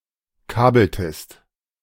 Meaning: inflection of kabeln: 1. second-person singular preterite 2. second-person singular subjunctive II
- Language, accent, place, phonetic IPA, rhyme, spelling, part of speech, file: German, Germany, Berlin, [ˈkaːbl̩təst], -aːbl̩təst, kabeltest, verb, De-kabeltest.ogg